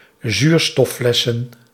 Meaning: plural of zuurstoffles
- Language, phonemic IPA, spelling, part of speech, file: Dutch, /ˈzurstɔfˌlɛsə(n)/, zuurstofflessen, noun, Nl-zuurstofflessen.ogg